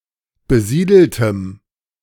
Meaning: strong dative masculine/neuter singular of besiedelt
- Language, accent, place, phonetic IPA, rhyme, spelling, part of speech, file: German, Germany, Berlin, [bəˈziːdl̩təm], -iːdl̩təm, besiedeltem, adjective, De-besiedeltem.ogg